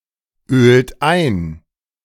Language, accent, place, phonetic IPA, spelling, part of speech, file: German, Germany, Berlin, [ˌøːlt ˈaɪ̯n], ölt ein, verb, De-ölt ein.ogg
- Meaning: inflection of einölen: 1. third-person singular present 2. second-person plural present 3. plural imperative